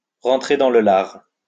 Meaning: 1. to lay into, to hit (to attack physically) 2. to lay into, to rake over the coals (to attack verbally)
- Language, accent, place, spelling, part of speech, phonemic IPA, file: French, France, Lyon, rentrer dans le lard, verb, /ʁɑ̃.tʁe dɑ̃ lə laʁ/, LL-Q150 (fra)-rentrer dans le lard.wav